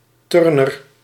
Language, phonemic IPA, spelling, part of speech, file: Dutch, /ˈtʏrnər/, turner, noun, Nl-turner.ogg
- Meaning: gymnast